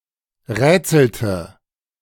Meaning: inflection of rätseln: 1. first/third-person singular preterite 2. first/third-person singular subjunctive II
- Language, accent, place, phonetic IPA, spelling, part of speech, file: German, Germany, Berlin, [ˈʁɛːt͡sl̩tə], rätselte, verb, De-rätselte.ogg